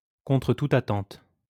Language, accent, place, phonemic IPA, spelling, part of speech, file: French, France, Lyon, /kɔ̃.tʁə tu.t‿a.tɑ̃t/, contre toute attente, adverb, LL-Q150 (fra)-contre toute attente.wav
- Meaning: very unexpectedly, against expectations, against all odds (despite seemingly insurmountable opposition or probability)